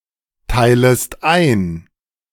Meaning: second-person singular subjunctive I of einteilen
- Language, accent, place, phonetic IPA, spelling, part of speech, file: German, Germany, Berlin, [ˌtaɪ̯ləst ˈaɪ̯n], teilest ein, verb, De-teilest ein.ogg